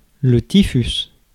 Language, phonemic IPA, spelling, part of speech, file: French, /ti.fys/, typhus, noun, Fr-typhus.ogg
- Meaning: typhus